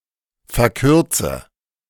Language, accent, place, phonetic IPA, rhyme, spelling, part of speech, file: German, Germany, Berlin, [fɛɐ̯ˈkʏʁt͡sə], -ʏʁt͡sə, verkürze, verb, De-verkürze.ogg
- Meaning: inflection of verkürzen: 1. first-person singular present 2. first/third-person singular subjunctive I 3. singular imperative